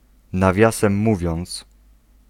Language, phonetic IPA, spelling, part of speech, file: Polish, [naˈvʲjasɛ̃m ˈːuvʲjɔ̃nt͡s], nawiasem mówiąc, adverbial phrase, Pl-nawiasem mówiąc.ogg